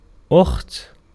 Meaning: sister
- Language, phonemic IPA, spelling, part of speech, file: Arabic, /ʔuxt/, أخت, noun, Ar-أخت.ogg